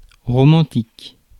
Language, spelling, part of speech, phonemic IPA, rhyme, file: French, romantique, adjective / noun, /ʁo.mɑ̃.tik/, -ɑ̃tik, Fr-romantique.ogg
- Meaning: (adjective) romantic